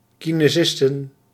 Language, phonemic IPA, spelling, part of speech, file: Dutch, /ˌkineˈzɪstə(n)/, kinesisten, noun, Nl-kinesisten.ogg
- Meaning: plural of kinesist